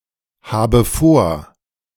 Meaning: inflection of vorhaben: 1. first-person singular present 2. first/third-person singular subjunctive I 3. singular imperative
- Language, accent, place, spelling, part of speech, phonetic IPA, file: German, Germany, Berlin, habe vor, verb, [ˌhaːbə ˈfoːɐ̯], De-habe vor.ogg